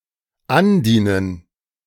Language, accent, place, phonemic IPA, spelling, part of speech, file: German, Germany, Berlin, /ˈanˌdiːnən/, andienen, verb, De-andienen.ogg
- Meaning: 1. to press (etwas something jedem on someone) 2. to offer one's services (jedem to someone)